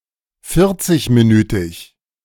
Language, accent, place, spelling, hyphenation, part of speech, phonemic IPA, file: German, Germany, Berlin, vierzigminütig, vier‧zig‧mi‧nü‧tig, adjective, /ˈfɪɐ̯tsɪçmiˌnyːtɪç/, De-vierzigminütig.ogg
- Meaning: forty-minute